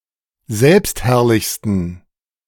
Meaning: 1. superlative degree of selbstherrlich 2. inflection of selbstherrlich: strong genitive masculine/neuter singular superlative degree
- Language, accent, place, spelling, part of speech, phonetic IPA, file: German, Germany, Berlin, selbstherrlichsten, adjective, [ˈzɛlpstˌhɛʁlɪçstn̩], De-selbstherrlichsten.ogg